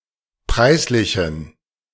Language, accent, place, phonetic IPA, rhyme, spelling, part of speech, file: German, Germany, Berlin, [ˈpʁaɪ̯sˌlɪçn̩], -aɪ̯slɪçn̩, preislichen, adjective, De-preislichen.ogg
- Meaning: inflection of preislich: 1. strong genitive masculine/neuter singular 2. weak/mixed genitive/dative all-gender singular 3. strong/weak/mixed accusative masculine singular 4. strong dative plural